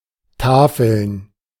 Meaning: 1. gerund of tafeln 2. plural of Tafel
- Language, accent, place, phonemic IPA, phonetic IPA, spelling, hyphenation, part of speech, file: German, Germany, Berlin, /ˈtaːfəln/, [ˈtaːfl̩n], Tafeln, Ta‧feln, noun, De-Tafeln.ogg